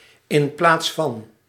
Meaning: initialism of in plaats van
- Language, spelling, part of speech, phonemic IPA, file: Dutch, i.p.v., preposition, /ɪmˈplatsfɑn/, Nl-i.p.v..ogg